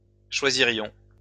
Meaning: first-person plural conditional of choisir
- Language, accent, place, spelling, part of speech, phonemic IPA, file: French, France, Lyon, choisirions, verb, /ʃwa.zi.ʁjɔ̃/, LL-Q150 (fra)-choisirions.wav